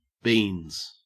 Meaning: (noun) 1. plural of bean 2. Pills; drugs in pill form 3. The testicles 4. An insignificant value or amount 5. An animal's pawpads 6. The hypodermis 7. Money
- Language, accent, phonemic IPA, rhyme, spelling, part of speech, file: English, Australia, /biːnz/, -iːnz, beans, noun / verb, En-au-beans.ogg